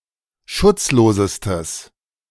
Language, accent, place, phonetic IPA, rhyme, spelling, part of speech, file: German, Germany, Berlin, [ˈʃʊt͡sˌloːzəstəs], -ʊt͡sloːzəstəs, schutzlosestes, adjective, De-schutzlosestes.ogg
- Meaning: strong/mixed nominative/accusative neuter singular superlative degree of schutzlos